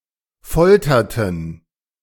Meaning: inflection of foltern: 1. first/third-person plural preterite 2. first/third-person plural subjunctive II
- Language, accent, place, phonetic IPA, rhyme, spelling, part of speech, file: German, Germany, Berlin, [ˈfɔltɐtn̩], -ɔltɐtn̩, folterten, verb, De-folterten.ogg